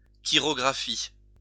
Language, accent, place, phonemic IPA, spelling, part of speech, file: French, France, Lyon, /ki.ʁɔ.ɡʁa.fi/, chirographie, noun, LL-Q150 (fra)-chirographie.wav
- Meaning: chirography